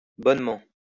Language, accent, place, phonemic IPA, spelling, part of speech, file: French, France, Lyon, /bɔn.mɑ̃/, bonnement, adverb, LL-Q150 (fra)-bonnement.wav
- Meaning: 1. really, exactly 2. simply